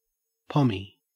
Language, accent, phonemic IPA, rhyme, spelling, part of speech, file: English, Australia, /ˈpɒmi/, -ɒmi, pommy, noun / adjective, En-au-pommy.ogg
- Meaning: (noun) A pom; a person of British descent, a Briton; an Englishman; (adjective) English; British